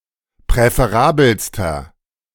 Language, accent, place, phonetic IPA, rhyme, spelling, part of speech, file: German, Germany, Berlin, [pʁɛfeˈʁaːbl̩stɐ], -aːbl̩stɐ, präferabelster, adjective, De-präferabelster.ogg
- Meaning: inflection of präferabel: 1. strong/mixed nominative masculine singular superlative degree 2. strong genitive/dative feminine singular superlative degree 3. strong genitive plural superlative degree